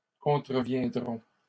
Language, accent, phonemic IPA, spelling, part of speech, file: French, Canada, /kɔ̃.tʁə.vjɛ̃.dʁɔ̃/, contreviendrons, verb, LL-Q150 (fra)-contreviendrons.wav
- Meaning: first-person plural simple future of contrevenir